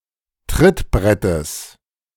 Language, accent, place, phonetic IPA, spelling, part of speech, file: German, Germany, Berlin, [ˈtʁɪtˌbʁɛtəs], Trittbrettes, noun, De-Trittbrettes.ogg
- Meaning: genitive singular of Trittbrett